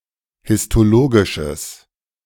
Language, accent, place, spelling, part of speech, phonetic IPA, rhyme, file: German, Germany, Berlin, histologisches, adjective, [hɪstoˈloːɡɪʃəs], -oːɡɪʃəs, De-histologisches.ogg
- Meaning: strong/mixed nominative/accusative neuter singular of histologisch